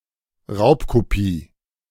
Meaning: a copy of content the former of which has been obtained under violation of intellectual property rights
- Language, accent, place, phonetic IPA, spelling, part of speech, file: German, Germany, Berlin, [ˈʁaʊ̯pkoˌpiː], Raubkopie, noun, De-Raubkopie.ogg